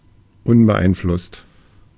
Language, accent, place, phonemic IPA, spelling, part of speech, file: German, Germany, Berlin, /ˈʊnbəˌʔaɪ̯nflʊst/, unbeeinflusst, adjective, De-unbeeinflusst.ogg
- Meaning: 1. unaffected 2. uninfluenced